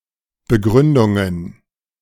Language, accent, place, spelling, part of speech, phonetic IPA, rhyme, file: German, Germany, Berlin, Begründungen, noun, [bəˈɡʁʏndʊŋən], -ʏndʊŋən, De-Begründungen.ogg
- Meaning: plural of Begründung